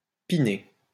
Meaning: 1. to dick, to dick down, to bone (penetrate sexually with the penis) 2. to have sex
- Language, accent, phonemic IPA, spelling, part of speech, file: French, France, /pi.ne/, piner, verb, LL-Q150 (fra)-piner.wav